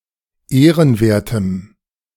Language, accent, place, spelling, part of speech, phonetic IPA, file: German, Germany, Berlin, ehrenwertem, adjective, [ˈeːʁənˌveːɐ̯təm], De-ehrenwertem.ogg
- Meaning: strong dative masculine/neuter singular of ehrenwert